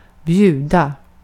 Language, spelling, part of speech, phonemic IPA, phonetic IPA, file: Swedish, bjuda, verb, /²bjʉːda/, [²bʝʉ̟ːd̪a], Sv-bjuda.ogg
- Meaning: 1. to offer, to give as a gift 2. to offer (a specified thing), to give (a specified thing) as a gift 3. to invite 4. to invite (to something specified) 5. to bid (e.g. within an auction or similar)